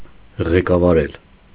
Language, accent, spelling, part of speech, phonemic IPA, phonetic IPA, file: Armenian, Eastern Armenian, ղեկավարել, verb, /ʁekɑvɑˈɾel/, [ʁekɑvɑɾél], Hy-ղեկավարել.ogg
- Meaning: 1. to lead, to manage 2. to steer